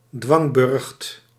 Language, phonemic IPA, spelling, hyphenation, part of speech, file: Dutch, /ˈdʋɑŋ.bʏrxt/, dwangburcht, dwang‧burcht, noun, Nl-dwangburcht.ogg
- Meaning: citadel built to press an area into obedience